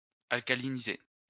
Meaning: to alkalize, alkalinize
- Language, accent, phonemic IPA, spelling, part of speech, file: French, France, /al.ka.li.ni.ze/, alcaliniser, verb, LL-Q150 (fra)-alcaliniser.wav